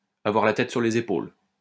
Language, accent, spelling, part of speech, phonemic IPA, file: French, France, avoir la tête sur les épaules, verb, /a.vwaʁ la tɛt syʁ le.z‿e.pol/, LL-Q150 (fra)-avoir la tête sur les épaules.wav
- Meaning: to have one's head screwed on